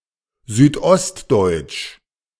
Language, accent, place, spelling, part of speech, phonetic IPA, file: German, Germany, Berlin, südostdeutsch, adjective, [ˌzyːtˈʔɔstdɔɪ̯tʃ], De-südostdeutsch.ogg
- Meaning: of southeastern Germany (of the region of the people, the culture or the dialects of this region)